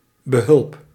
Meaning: help, aid
- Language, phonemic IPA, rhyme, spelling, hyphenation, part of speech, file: Dutch, /bəˈɦʏlp/, -ʏlp, behulp, be‧hulp, noun, Nl-behulp.ogg